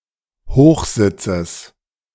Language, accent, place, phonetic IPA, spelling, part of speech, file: German, Germany, Berlin, [ˈhoːxˌzɪt͡səs], Hochsitzes, noun, De-Hochsitzes.ogg
- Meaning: genitive singular of Hochsitz